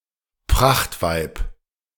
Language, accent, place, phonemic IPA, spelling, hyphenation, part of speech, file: German, Germany, Berlin, /ˈpʁaχtˌvaɪ̯p/, Prachtweib, Pracht‧weib, noun, De-Prachtweib.ogg
- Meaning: beautiful woman